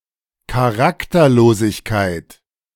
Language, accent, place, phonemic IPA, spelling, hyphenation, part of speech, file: German, Germany, Berlin, /kaˈʁaktɐˌloːsɪçkaɪ̯t/, Charakterlosigkeit, Cha‧rak‧ter‧lo‧sig‧keit, noun, De-Charakterlosigkeit.ogg
- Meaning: characterlessness